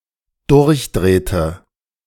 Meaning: inflection of durchdrehen: 1. first/third-person singular dependent preterite 2. first/third-person singular dependent subjunctive II
- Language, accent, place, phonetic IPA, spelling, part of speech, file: German, Germany, Berlin, [ˈdʊʁçˌdʁeːtə], durchdrehte, verb, De-durchdrehte.ogg